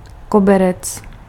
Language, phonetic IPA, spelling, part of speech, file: Czech, [ˈkobɛrɛt͡s], koberec, noun, Cs-koberec.ogg
- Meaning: rug, carpet